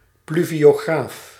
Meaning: a pluviograph, self-registring pluviometer
- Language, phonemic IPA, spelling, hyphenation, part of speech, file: Dutch, /ˌplyvioːˈɣraːf/, pluviograaf, plu‧vio‧graaf, noun, Nl-pluviograaf.ogg